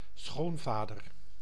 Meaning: 1. father-in-law 2. father of one's boyfriend or girlfriend
- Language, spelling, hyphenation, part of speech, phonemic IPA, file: Dutch, schoonvader, schoon‧va‧der, noun, /ˈsxoːnˌvaː.dər/, Nl-schoonvader.ogg